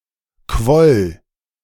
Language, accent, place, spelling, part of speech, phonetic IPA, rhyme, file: German, Germany, Berlin, quoll, verb, [kvɔl], -ɔl, De-quoll.ogg
- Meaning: first/third-person singular preterite of quellen